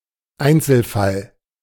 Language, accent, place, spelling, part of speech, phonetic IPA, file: German, Germany, Berlin, Einzelfall, noun, [ˈaɪ̯nt͡sl̩ˌfal], De-Einzelfall.ogg
- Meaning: individual case; isolated case